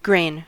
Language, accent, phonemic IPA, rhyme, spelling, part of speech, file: English, US, /ɡɹeɪn/, -eɪn, grain, noun / verb, En-us-grain.ogg
- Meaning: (noun) 1. The harvested seeds of various grass food crops, especially wheat, maize, rye, barley, and rice 2. Similar seeds from any food crop, e.g., buckwheat, amaranth, quinoa